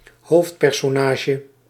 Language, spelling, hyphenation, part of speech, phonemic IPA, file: Dutch, hoofdpersonage, hoofd‧per‧so‧na‧ge, noun, /ˈɦoːft.pɛr.soːˌnaː.ʒə/, Nl-hoofdpersonage.ogg
- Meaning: protagonist